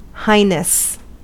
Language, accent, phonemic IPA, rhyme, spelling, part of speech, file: English, US, /ˈhaɪnəs/, -aɪnəs, highness, noun, En-us-highness.ogg
- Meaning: 1. The state of being high 2. A title of respect when referring to a prince or princess